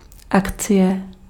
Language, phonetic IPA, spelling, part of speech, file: Czech, [ˈakt͡sɪjɛ], akcie, noun, Cs-akcie.ogg
- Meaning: share